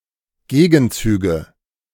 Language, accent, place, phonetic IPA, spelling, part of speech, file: German, Germany, Berlin, [ˈɡeːɡn̩ˌt͡syːɡə], Gegenzüge, noun, De-Gegenzüge.ogg
- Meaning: nominative/accusative/genitive plural of Gegenzug